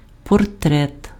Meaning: portrait
- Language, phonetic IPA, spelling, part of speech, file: Ukrainian, [pɔrˈtrɛt], портрет, noun, Uk-портрет.ogg